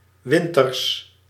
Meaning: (adjective) wintry, winterlike; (noun) 1. plural of winter 2. genitive singular of winter
- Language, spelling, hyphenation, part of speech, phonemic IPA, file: Dutch, winters, win‧ters, adjective / noun, /ˈʋɪn.tərs/, Nl-winters.ogg